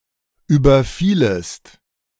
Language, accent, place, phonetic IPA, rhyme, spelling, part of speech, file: German, Germany, Berlin, [ˌyːbɐˈfiːləst], -iːləst, überfielest, verb, De-überfielest.ogg
- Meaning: second-person singular subjunctive II of überfallen